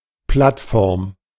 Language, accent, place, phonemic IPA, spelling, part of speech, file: German, Germany, Berlin, /ˈplatˌfɔʁm/, Plattform, noun, De-Plattform.ogg
- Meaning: platform